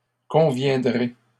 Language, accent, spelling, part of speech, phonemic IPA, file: French, Canada, conviendrai, verb, /kɔ̃.vjɛ̃.dʁe/, LL-Q150 (fra)-conviendrai.wav
- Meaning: first-person singular future of convenir